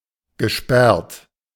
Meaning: past participle of sperren
- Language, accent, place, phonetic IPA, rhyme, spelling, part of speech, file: German, Germany, Berlin, [ɡəˈʃpɛʁt], -ɛʁt, gesperrt, adjective / verb, De-gesperrt.ogg